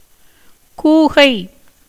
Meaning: a large kind of owl, Bubo bengalensis
- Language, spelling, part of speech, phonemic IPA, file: Tamil, கூகை, noun, /kuːɡɐɪ̯/, Ta-கூகை.ogg